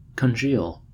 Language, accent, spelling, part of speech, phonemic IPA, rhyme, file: English, US, congeal, verb, /kənˈd͡ʒiːl/, -iːl, En-us-congeal.ogg
- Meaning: 1. To change from a liquid to solid state, perhaps due to cold; called to freeze in nontechnical usage 2. To coagulate, make curdled or semi-solid such as gel or jelly 3. To make rigid or immobile